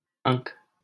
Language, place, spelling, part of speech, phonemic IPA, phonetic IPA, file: Hindi, Delhi, अंक, noun, /əŋk/, [ɐ̃ŋk], LL-Q1568 (hin)-अंक.wav
- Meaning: 1. number, numeral; figure 2. mark, spot, line; stamp; brand 3. numerical position: place, or mark (as in a class) 4. point (score in a game) 5. valuation (numerically); price-mark